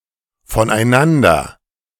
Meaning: from / of one another, from / of each other
- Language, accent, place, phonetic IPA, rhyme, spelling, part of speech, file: German, Germany, Berlin, [fɔnʔaɪ̯ˈnandɐ], -andɐ, voneinander, adverb, De-voneinander.ogg